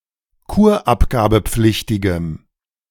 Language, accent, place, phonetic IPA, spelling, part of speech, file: German, Germany, Berlin, [ˈkuːɐ̯ʔapɡaːbəˌp͡flɪçtɪɡəm], kurabgabepflichtigem, adjective, De-kurabgabepflichtigem.ogg
- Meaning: strong dative masculine/neuter singular of kurabgabepflichtig